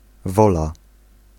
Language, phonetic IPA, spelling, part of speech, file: Polish, [ˈvɔla], wola, noun / adjective, Pl-wola.ogg